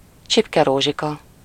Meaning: Sleeping Beauty
- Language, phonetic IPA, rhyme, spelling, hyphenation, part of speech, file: Hungarian, [ˈt͡ʃipkɛroːʒikɒ], -kɒ, Csipkerózsika, Csip‧ke‧ró‧zsi‧ka, proper noun, Hu-Csipkerózsika.ogg